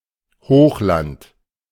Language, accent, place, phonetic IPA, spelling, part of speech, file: German, Germany, Berlin, [ˈhoːxˌlant], Hochland, noun, De-Hochland.ogg
- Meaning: highlands